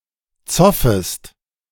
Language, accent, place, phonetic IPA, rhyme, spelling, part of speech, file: German, Germany, Berlin, [ˈt͡sɔfəst], -ɔfəst, zoffest, verb, De-zoffest.ogg
- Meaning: second-person singular subjunctive I of zoffen